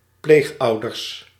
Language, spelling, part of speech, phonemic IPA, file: Dutch, pleegouders, noun, /ˈplexɑudərs/, Nl-pleegouders.ogg
- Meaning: plural of pleegouder